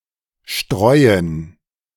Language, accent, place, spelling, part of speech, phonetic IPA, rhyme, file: German, Germany, Berlin, Streuen, noun, [ˈʃtʁɔɪ̯ən], -ɔɪ̯ən, De-Streuen.ogg
- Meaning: plural of Streu